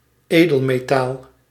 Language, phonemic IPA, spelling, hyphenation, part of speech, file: Dutch, /ˈeː.dəl.meːˈtaːl/, edelmetaal, edel‧me‧taal, noun, Nl-edelmetaal.ogg
- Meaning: noble metal (a metal which is little (or not at all) subject to oxidation)